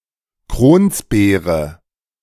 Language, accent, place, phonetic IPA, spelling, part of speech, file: German, Germany, Berlin, [ˈkʁoːnsˌbeːʁə], Kronsbeere, noun, De-Kronsbeere.ogg
- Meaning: alternative form of Kranbeere